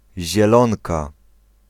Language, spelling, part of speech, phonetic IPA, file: Polish, Zielonka, proper noun, [ʑɛˈlɔ̃nka], Pl-Zielonka.ogg